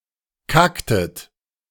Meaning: inflection of kacken: 1. second-person plural preterite 2. second-person plural subjunctive II
- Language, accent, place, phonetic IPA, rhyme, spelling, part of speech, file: German, Germany, Berlin, [ˈkaktət], -aktət, kacktet, verb, De-kacktet.ogg